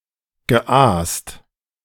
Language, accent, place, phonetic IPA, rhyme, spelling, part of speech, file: German, Germany, Berlin, [ɡəˈʔaːst], -aːst, geaast, verb, De-geaast.ogg
- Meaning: past participle of aasen